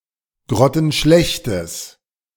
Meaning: strong/mixed nominative/accusative neuter singular of grottenschlecht
- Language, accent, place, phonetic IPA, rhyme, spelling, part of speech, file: German, Germany, Berlin, [ˌɡʁɔtn̩ˈʃlɛçtəs], -ɛçtəs, grottenschlechtes, adjective, De-grottenschlechtes.ogg